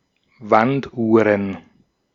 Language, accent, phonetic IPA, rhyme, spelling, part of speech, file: German, Austria, [ˈvantˌʔuːʁən], -antʔuːʁən, Wanduhren, noun, De-at-Wanduhren.ogg
- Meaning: plural of Wanduhr